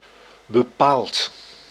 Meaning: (adjective) 1. certain 2. specific 3. definite; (adverb) certainly, definitely, absolutely; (verb) past participle of bepalen
- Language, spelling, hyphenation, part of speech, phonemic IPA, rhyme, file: Dutch, bepaald, be‧paald, adjective / adverb / verb, /bəˈpaːlt/, -aːlt, Nl-bepaald.ogg